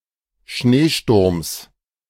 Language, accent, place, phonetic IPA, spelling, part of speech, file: German, Germany, Berlin, [ˈʃneːˌʃtʊʁms], Schneesturms, noun, De-Schneesturms.ogg
- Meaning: genitive singular of Schneesturm